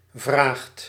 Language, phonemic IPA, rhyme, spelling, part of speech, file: Dutch, /vraːxt/, -aːxt, vraagt, verb, Nl-vraagt.ogg
- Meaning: inflection of vragen: 1. second/third-person singular present indicative 2. plural imperative